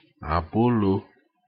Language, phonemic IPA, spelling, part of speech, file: Ewe, /à.bó.lò/, abolo, noun, Ee-abolo.ogg
- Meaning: 1. a traditional cornflour bread, fermented and steamed in fist-sized loaves 2. Western-style bread